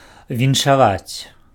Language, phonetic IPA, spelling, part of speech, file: Belarusian, [vʲinʂaˈvat͡sʲ], віншаваць, verb, Be-віншаваць.ogg
- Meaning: to congratulate